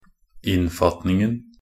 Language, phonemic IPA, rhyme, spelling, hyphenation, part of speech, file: Norwegian Bokmål, /ˈɪnːfatnɪŋn̩/, -ɪŋn̩, innfatningen, inn‧fat‧ning‧en, noun, Nb-innfatningen.ogg
- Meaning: definite masculine singular of innfatning